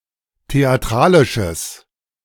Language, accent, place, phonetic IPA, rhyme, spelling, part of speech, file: German, Germany, Berlin, [teaˈtʁaːlɪʃəs], -aːlɪʃəs, theatralisches, adjective, De-theatralisches.ogg
- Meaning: strong/mixed nominative/accusative neuter singular of theatralisch